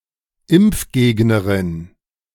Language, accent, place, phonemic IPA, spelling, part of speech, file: German, Germany, Berlin, /ˈɪmp͡fˌɡeːɡnəʁɪn/, Impfgegnerin, noun, De-Impfgegnerin.ogg
- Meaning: feminine equivalent of Impfgegner m